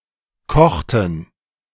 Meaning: inflection of kochen: 1. first/third-person plural preterite 2. first/third-person plural subjunctive II
- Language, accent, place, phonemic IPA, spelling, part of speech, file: German, Germany, Berlin, /kɔxtən/, kochten, verb, De-kochten.ogg